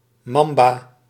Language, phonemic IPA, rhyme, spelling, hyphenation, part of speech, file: Dutch, /ˈmɑm.baː/, -ɑmbaː, mamba, mam‧ba, noun, Nl-mamba.ogg
- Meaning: a mamba, venomous snake of the genus Dendroaspis